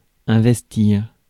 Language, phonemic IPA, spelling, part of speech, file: French, /ɛ̃.vɛs.tiʁ/, investir, verb, Fr-investir.ogg
- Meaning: 1. to invest 2. to lay siege to, to besiege 3. to install into office, to vest, to give formal authority to